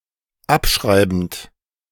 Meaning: present participle of abschreiben
- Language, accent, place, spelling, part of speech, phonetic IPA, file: German, Germany, Berlin, abschreibend, verb, [ˈapˌʃʁaɪ̯bn̩t], De-abschreibend.ogg